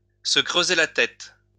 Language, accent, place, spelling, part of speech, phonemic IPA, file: French, France, Lyon, se creuser la tête, verb, /sə kʁø.ze la tɛt/, LL-Q150 (fra)-se creuser la tête.wav
- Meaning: to rack one's brain, to cudgel one's brain